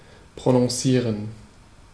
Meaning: 1. to pronounce 2. to emphasize
- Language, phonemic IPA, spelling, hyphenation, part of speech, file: German, /pʁonɔ̃ˈsiːʁən/, prononcieren, pro‧non‧cie‧ren, verb, De-prononcieren.ogg